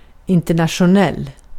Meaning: international
- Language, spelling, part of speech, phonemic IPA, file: Swedish, internationell, adjective, /ɪntɛrnatɧʊˈnɛl/, Sv-internationell.ogg